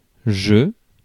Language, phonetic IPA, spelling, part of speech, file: French, [ʒɵ], je, pronoun, Fr-je.ogg
- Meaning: I